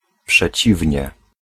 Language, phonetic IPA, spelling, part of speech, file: Polish, [pʃɛˈt͡ɕivʲɲɛ], przeciwnie, adverb / particle, Pl-przeciwnie.ogg